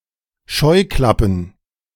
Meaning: plural of Scheuklappe
- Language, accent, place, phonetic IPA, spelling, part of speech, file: German, Germany, Berlin, [ˈʃɔɪ̯ˌklapn̩], Scheuklappen, noun, De-Scheuklappen.ogg